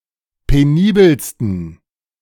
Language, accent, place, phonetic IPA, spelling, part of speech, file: German, Germany, Berlin, [peˈniːbəlstn̩], penibelsten, adjective, De-penibelsten.ogg
- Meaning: 1. superlative degree of penibel 2. inflection of penibel: strong genitive masculine/neuter singular superlative degree